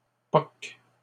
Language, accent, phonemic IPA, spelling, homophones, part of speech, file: French, Canada, /pɔk/, poques, poque / poquent, verb, LL-Q150 (fra)-poques.wav
- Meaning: second-person singular present indicative/subjunctive of poquer